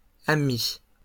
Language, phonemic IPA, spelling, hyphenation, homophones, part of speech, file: French, /a.mi/, amis, a‧mis, ami / amict / amicts / amie / amies, noun, LL-Q150 (fra)-amis.wav
- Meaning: plural of ami